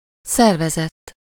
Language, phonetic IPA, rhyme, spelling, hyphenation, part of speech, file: Hungarian, [ˈsɛrvɛzɛtː], -ɛtː, szervezett, szer‧ve‧zett, verb / adjective, Hu-szervezett.ogg
- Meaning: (verb) 1. third-person singular indicative past indefinite of szervez 2. past participle of szervez: organized; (adjective) organized